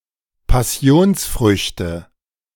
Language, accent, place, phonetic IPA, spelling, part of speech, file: German, Germany, Berlin, [paˈsi̯oːnsˌfʁʏçtə], Passionsfrüchte, noun, De-Passionsfrüchte.ogg
- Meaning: nominative/accusative/genitive plural of Passionsfrucht